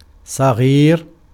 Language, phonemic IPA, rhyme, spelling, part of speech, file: Arabic, /sˤa.ɣiːr/, -iːr, صغير, adjective, Ar-صغير.ogg
- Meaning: 1. small 2. young (for a person)